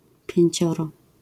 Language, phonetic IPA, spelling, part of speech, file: Polish, [pʲjɛ̇̃ɲˈt͡ɕɔrɔ], pięcioro, numeral, LL-Q809 (pol)-pięcioro.wav